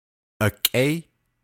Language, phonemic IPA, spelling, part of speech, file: Navajo, /ʔɑ̀kʼɛ́ɪ́/, akʼéí, noun, Nv-akʼéí.ogg
- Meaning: kin, kinsman, kinfolk, relatives (by blood or by the maternal or paternal clan lines)